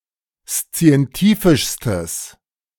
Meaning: strong/mixed nominative/accusative neuter singular superlative degree of szientifisch
- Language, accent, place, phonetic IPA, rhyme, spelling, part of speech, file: German, Germany, Berlin, [st͡si̯ɛnˈtiːfɪʃstəs], -iːfɪʃstəs, szientifischstes, adjective, De-szientifischstes.ogg